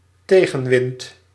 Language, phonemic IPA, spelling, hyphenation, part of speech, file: Dutch, /ˈteɣə(n)ˌwɪnt/, tegenwind, te‧gen‧wind, noun, Nl-tegenwind.ogg
- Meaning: headwind